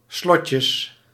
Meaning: 1. plural of slotje 2. permanent dental braces with metal brackets
- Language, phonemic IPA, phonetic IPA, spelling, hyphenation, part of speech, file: Dutch, /ˈslɔt.jəs/, [ˈslɔ.cəs], slotjes, slot‧jes, noun, Nl-slotjes.ogg